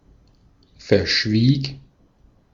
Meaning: first/third-person singular preterite of verschweigen
- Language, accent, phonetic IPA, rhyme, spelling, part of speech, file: German, Austria, [fɛɐ̯ˈʃviːk], -iːk, verschwieg, verb, De-at-verschwieg.ogg